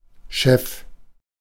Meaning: boss, chief
- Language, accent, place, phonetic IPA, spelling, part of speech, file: German, Germany, Berlin, [ʃɛf], Chef, noun, De-Chef.ogg